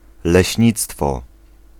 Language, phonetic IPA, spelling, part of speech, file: Polish, [lɛɕˈɲit͡stfɔ], leśnictwo, noun, Pl-leśnictwo.ogg